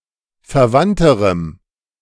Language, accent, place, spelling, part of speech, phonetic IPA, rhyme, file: German, Germany, Berlin, verwandterem, adjective, [fɛɐ̯ˈvantəʁəm], -antəʁəm, De-verwandterem.ogg
- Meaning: strong dative masculine/neuter singular comparative degree of verwandt